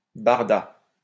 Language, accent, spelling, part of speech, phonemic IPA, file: French, France, barda, noun / verb, /baʁ.da/, LL-Q150 (fra)-barda.wav
- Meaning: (noun) 1. gear 2. luggage, loading 3. mess, jumble; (verb) third-person singular past historic of barder